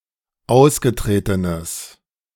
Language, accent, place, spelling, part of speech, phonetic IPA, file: German, Germany, Berlin, ausgetretenes, adjective, [ˈaʊ̯sɡəˌtʁeːtənəs], De-ausgetretenes.ogg
- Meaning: strong/mixed nominative/accusative neuter singular of ausgetreten